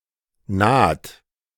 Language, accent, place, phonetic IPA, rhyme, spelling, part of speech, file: German, Germany, Berlin, [naːt], -aːt, naht, verb, De-naht.ogg
- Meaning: inflection of nahen: 1. second-person plural present 2. third-person singular present 3. plural imperative